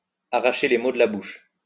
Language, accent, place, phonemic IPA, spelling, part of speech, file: French, France, Lyon, /a.ʁa.ʃe le mo d(ə) la buʃ/, arracher les mots de la bouche, verb, LL-Q150 (fra)-arracher les mots de la bouche.wav
- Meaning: 1. to take the words out of someone's mouth (to say what someone was about to say themselves) 2. to worm something out of, to drag something out of